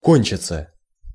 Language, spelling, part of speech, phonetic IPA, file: Russian, кончиться, verb, [ˈkonʲt͡ɕɪt͡sə], Ru-кончиться.ogg
- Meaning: to finish, to end